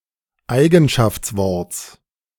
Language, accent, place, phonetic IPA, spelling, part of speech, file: German, Germany, Berlin, [ˈaɪ̯ɡn̩ʃaft͡sˌvɔʁt͡s], Eigenschaftsworts, noun, De-Eigenschaftsworts.ogg
- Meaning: genitive singular of Eigenschaftswort